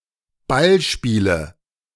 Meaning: nominative/accusative/genitive plural of Ballspiel
- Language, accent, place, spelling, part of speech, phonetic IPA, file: German, Germany, Berlin, Ballspiele, noun, [ˈbalˌʃpiːlə], De-Ballspiele.ogg